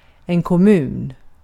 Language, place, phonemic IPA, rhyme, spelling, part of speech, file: Swedish, Gotland, /kɔˈmʉːn/, -ʉːn, kommun, noun, Sv-kommun.ogg
- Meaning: municipality, city, commune